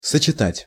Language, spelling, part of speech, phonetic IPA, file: Russian, сочетать, verb, [sət͡ɕɪˈtatʲ], Ru-сочетать.ogg
- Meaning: 1. to combine 2. to unite 3. to associate